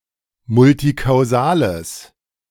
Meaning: strong/mixed nominative/accusative neuter singular of multikausal
- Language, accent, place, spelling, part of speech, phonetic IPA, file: German, Germany, Berlin, multikausales, adjective, [ˈmʊltikaʊ̯ˌzaːləs], De-multikausales.ogg